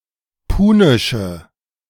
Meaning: inflection of punisch: 1. strong/mixed nominative/accusative feminine singular 2. strong nominative/accusative plural 3. weak nominative all-gender singular 4. weak accusative feminine/neuter singular
- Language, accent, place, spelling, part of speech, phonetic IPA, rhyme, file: German, Germany, Berlin, punische, adjective, [ˈpuːnɪʃə], -uːnɪʃə, De-punische.ogg